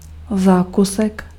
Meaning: dessert
- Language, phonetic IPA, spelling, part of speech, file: Czech, [ˈzaːkusɛk], zákusek, noun, Cs-zákusek.ogg